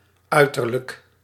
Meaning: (noun) appearance; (adjective) external; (adverb) latest; at latest; no later than
- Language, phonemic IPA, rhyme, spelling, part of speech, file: Dutch, /ˈœy̯.tər.lək/, -œy̯tərlək, uiterlijk, noun / adjective / adverb, Nl-uiterlijk.ogg